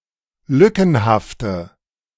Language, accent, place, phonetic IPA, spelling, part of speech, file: German, Germany, Berlin, [ˈlʏkn̩haftə], lückenhafte, adjective, De-lückenhafte.ogg
- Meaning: inflection of lückenhaft: 1. strong/mixed nominative/accusative feminine singular 2. strong nominative/accusative plural 3. weak nominative all-gender singular